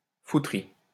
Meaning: fucking
- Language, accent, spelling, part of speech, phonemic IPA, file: French, France, fouterie, noun, /fu.tʁi/, LL-Q150 (fra)-fouterie.wav